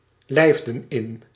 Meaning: inflection of inlijven: 1. plural past indicative 2. plural past subjunctive
- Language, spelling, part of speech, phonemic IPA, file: Dutch, lijfden in, verb, /lɛɪfdə(n) ɪn/, Nl-lijfden in.ogg